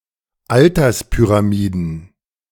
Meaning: plural of Alterspyramide
- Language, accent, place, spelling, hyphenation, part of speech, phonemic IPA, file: German, Germany, Berlin, Alterspyramiden, Al‧ters‧py‧ra‧mi‧den, noun, /ˈaltɐspyʁaˌmiːdən/, De-Alterspyramiden.ogg